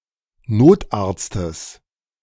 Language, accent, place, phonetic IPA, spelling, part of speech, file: German, Germany, Berlin, [ˈnoːtʔaʁt͡stəs], Notarztes, noun, De-Notarztes.ogg
- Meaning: genitive singular of Notarzt